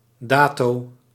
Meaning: the given date
- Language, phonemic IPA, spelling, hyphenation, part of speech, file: Dutch, /ˈdaː.toː/, dato, da‧to, noun, Nl-dato.ogg